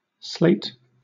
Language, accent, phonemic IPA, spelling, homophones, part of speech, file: English, Southern England, /sleɪt/, slate, Sleat, noun / adjective / verb, LL-Q1860 (eng)-slate.wav